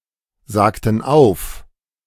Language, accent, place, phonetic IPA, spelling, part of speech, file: German, Germany, Berlin, [ˌzaːktn̩ ˈaʊ̯f], sagten auf, verb, De-sagten auf.ogg
- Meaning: inflection of aufsagen: 1. first/third-person plural preterite 2. first/third-person plural subjunctive II